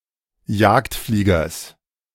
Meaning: genitive singular of Jagdflieger
- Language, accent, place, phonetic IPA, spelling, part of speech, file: German, Germany, Berlin, [ˈjaːktˌfliːɡɐs], Jagdfliegers, noun, De-Jagdfliegers.ogg